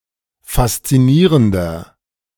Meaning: 1. comparative degree of faszinierend 2. inflection of faszinierend: strong/mixed nominative masculine singular 3. inflection of faszinierend: strong genitive/dative feminine singular
- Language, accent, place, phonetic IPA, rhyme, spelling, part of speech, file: German, Germany, Berlin, [fast͡siˈniːʁəndɐ], -iːʁəndɐ, faszinierender, adjective, De-faszinierender.ogg